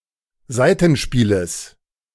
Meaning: genitive singular of Saitenspiel
- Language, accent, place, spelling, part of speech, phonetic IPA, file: German, Germany, Berlin, Saitenspieles, noun, [ˈzaɪ̯tn̩ˌʃpiːləs], De-Saitenspieles.ogg